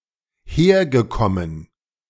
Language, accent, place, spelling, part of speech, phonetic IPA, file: German, Germany, Berlin, hergekommen, verb, [ˈheːɐ̯ɡəˌkɔmən], De-hergekommen.ogg
- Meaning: past participle of herkommen